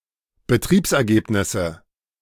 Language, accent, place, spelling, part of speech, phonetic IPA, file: German, Germany, Berlin, Betriebsergebnisse, noun, [bəˈtʁiːpsʔɛɐ̯ˌɡeːpnɪsə], De-Betriebsergebnisse.ogg
- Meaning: nominative/accusative/genitive plural of Betriebsergebnis